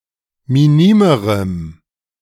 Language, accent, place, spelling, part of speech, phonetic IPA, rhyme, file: German, Germany, Berlin, minimerem, adjective, [miˈniːməʁəm], -iːməʁəm, De-minimerem.ogg
- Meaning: strong dative masculine/neuter singular comparative degree of minim